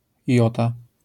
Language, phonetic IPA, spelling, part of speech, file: Polish, [ˈjɔta], jota, noun, LL-Q809 (pol)-jota.wav